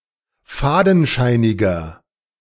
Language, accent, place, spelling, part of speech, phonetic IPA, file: German, Germany, Berlin, fadenscheiniger, adjective, [ˈfaːdn̩ˌʃaɪ̯nɪɡɐ], De-fadenscheiniger.ogg
- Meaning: 1. comparative degree of fadenscheinig 2. inflection of fadenscheinig: strong/mixed nominative masculine singular 3. inflection of fadenscheinig: strong genitive/dative feminine singular